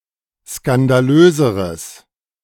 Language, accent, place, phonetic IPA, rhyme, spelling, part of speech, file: German, Germany, Berlin, [skandaˈløːzəʁəs], -øːzəʁəs, skandalöseres, adjective, De-skandalöseres.ogg
- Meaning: strong/mixed nominative/accusative neuter singular comparative degree of skandalös